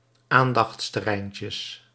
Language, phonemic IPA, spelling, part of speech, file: Dutch, /ˈandɑx(t)stəˌrɛincəs/, aandachtsterreintjes, noun, Nl-aandachtsterreintjes.ogg
- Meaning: plural of aandachtsterreintje